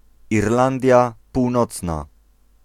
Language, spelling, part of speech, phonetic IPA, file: Polish, Irlandia Północna, proper noun, [irˈlãndʲja puwˈnɔt͡sna], Pl-Irlandia Północna.ogg